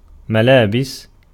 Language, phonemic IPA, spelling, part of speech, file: Arabic, /ma.laː.bis/, ملابس, noun, Ar-ملابس.ogg
- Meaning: plural of مَلْبَس (malbas, “garment”)